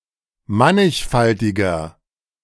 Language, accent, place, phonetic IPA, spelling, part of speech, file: German, Germany, Berlin, [ˈmanɪçˌfaltɪɡɐ], mannigfaltiger, adjective, De-mannigfaltiger.ogg
- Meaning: 1. comparative degree of mannigfaltig 2. inflection of mannigfaltig: strong/mixed nominative masculine singular 3. inflection of mannigfaltig: strong genitive/dative feminine singular